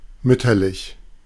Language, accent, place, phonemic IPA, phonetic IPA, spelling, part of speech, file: German, Germany, Berlin, /ˈmʏtɐlɪç/, [ˈmʏtʰɐlɪç], mütterlich, adjective, De-mütterlich.ogg
- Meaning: 1. motherly 2. maternal